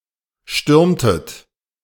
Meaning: inflection of stürmen: 1. second-person plural preterite 2. second-person plural subjunctive II
- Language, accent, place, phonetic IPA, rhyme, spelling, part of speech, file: German, Germany, Berlin, [ˈʃtʏʁmtət], -ʏʁmtət, stürmtet, verb, De-stürmtet.ogg